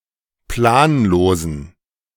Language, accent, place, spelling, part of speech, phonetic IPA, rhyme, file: German, Germany, Berlin, planlosen, adjective, [ˈplaːnˌloːzn̩], -aːnloːzn̩, De-planlosen.ogg
- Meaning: inflection of planlos: 1. strong genitive masculine/neuter singular 2. weak/mixed genitive/dative all-gender singular 3. strong/weak/mixed accusative masculine singular 4. strong dative plural